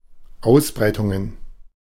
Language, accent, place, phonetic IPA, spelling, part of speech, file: German, Germany, Berlin, [ˈaʊ̯sˌbʁaɪ̯tʊŋən], Ausbreitungen, noun, De-Ausbreitungen.ogg
- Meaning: plural of Ausbreitung